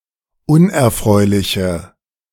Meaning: inflection of unerfreulich: 1. strong/mixed nominative/accusative feminine singular 2. strong nominative/accusative plural 3. weak nominative all-gender singular
- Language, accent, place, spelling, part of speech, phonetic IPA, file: German, Germany, Berlin, unerfreuliche, adjective, [ˈʊnʔɛɐ̯ˌfʁɔɪ̯lɪçə], De-unerfreuliche.ogg